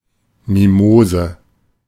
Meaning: 1. Mimosa; sensitive plant (Mimosa pudica) 2. oversensitive person
- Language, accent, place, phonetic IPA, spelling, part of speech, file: German, Germany, Berlin, [miˈmoːzə], Mimose, noun, De-Mimose.ogg